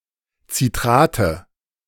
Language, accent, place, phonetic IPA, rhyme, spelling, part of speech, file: German, Germany, Berlin, [t͡siˈtʁaːtə], -aːtə, Citrate, noun, De-Citrate.ogg
- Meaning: nominative/accusative/genitive plural of Citrat